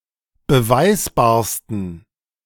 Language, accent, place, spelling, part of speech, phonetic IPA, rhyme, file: German, Germany, Berlin, beweisbarsten, adjective, [bəˈvaɪ̯sbaːɐ̯stn̩], -aɪ̯sbaːɐ̯stn̩, De-beweisbarsten.ogg
- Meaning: 1. superlative degree of beweisbar 2. inflection of beweisbar: strong genitive masculine/neuter singular superlative degree